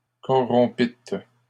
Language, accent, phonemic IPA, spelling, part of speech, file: French, Canada, /kɔ.ʁɔ̃.pit/, corrompîtes, verb, LL-Q150 (fra)-corrompîtes.wav
- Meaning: second-person plural past historic of corrompre